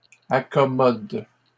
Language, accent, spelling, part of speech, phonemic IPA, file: French, Canada, accommodent, verb, /a.kɔ.mɔd/, LL-Q150 (fra)-accommodent.wav
- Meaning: third-person plural present indicative/subjunctive of accommoder